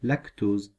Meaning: lactose
- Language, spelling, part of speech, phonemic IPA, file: French, lactose, noun, /lak.toz/, Fr-lactose.ogg